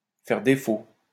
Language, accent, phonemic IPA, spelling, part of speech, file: French, France, /fɛʁ de.fo/, faire défaut, verb, LL-Q150 (fra)-faire défaut.wav
- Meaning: 1. to be lacking 2. to default